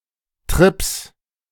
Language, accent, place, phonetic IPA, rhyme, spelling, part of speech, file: German, Germany, Berlin, [tʁɪps], -ɪps, Trips, noun, De-Trips.ogg
- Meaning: 1. genitive singular of Trip 2. plural of Trip